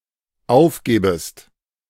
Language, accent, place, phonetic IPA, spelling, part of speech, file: German, Germany, Berlin, [ˈaʊ̯fˌɡeːbəst], aufgebest, verb, De-aufgebest.ogg
- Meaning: second-person singular dependent subjunctive I of aufgeben